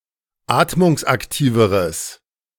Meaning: strong/mixed nominative/accusative neuter singular comparative degree of atmungsaktiv
- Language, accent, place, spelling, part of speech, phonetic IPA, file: German, Germany, Berlin, atmungsaktiveres, adjective, [ˈaːtmʊŋsʔakˌtiːvəʁəs], De-atmungsaktiveres.ogg